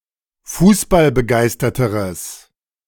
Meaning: strong/mixed nominative/accusative neuter singular comparative degree of fußballbegeistert
- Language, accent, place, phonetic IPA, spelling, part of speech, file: German, Germany, Berlin, [ˈfuːsbalbəˌɡaɪ̯stɐtəʁəs], fußballbegeisterteres, adjective, De-fußballbegeisterteres.ogg